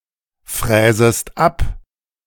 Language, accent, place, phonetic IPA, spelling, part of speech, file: German, Germany, Berlin, [ˌfʁɛːzəst ˈap], fräsest ab, verb, De-fräsest ab.ogg
- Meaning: second-person singular subjunctive I of abfräsen